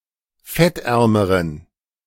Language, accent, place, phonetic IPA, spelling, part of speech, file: German, Germany, Berlin, [ˈfɛtˌʔɛʁməʁən], fettärmeren, adjective, De-fettärmeren.ogg
- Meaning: inflection of fettarm: 1. strong genitive masculine/neuter singular comparative degree 2. weak/mixed genitive/dative all-gender singular comparative degree